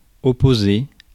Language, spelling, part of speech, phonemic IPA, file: French, opposé, verb / noun / adjective, /ɔ.po.ze/, Fr-opposé.ogg
- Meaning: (verb) past participle of opposer; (noun) opposite